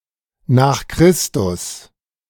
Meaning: abbreviation of nach Christus or nach Christo (literally “after Christ”): AD
- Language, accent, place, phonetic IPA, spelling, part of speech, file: German, Germany, Berlin, [naːx ˈkʁɪstʊs], n. Chr., abbreviation, De-n. Chr..ogg